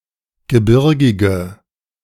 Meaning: inflection of gebirgig: 1. strong/mixed nominative/accusative feminine singular 2. strong nominative/accusative plural 3. weak nominative all-gender singular
- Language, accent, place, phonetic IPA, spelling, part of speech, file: German, Germany, Berlin, [ɡəˈbɪʁɡɪɡə], gebirgige, adjective, De-gebirgige.ogg